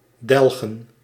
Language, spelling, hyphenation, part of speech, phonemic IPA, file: Dutch, delgen, del‧gen, verb, /ˈdɛlɣə(n)/, Nl-delgen.ogg
- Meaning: 1. to void 2. to pay off